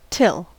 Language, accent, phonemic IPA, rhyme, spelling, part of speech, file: English, US, /tɪl/, -ɪl, till, preposition / conjunction / noun / verb, En-us-till.ogg
- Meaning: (preposition) 1. Until; to, up to; as late as (a given time) 2. Before (a certain time or event) 3. To, up to (physically) 4. To, toward (in attitude) 5. So that (something may happen)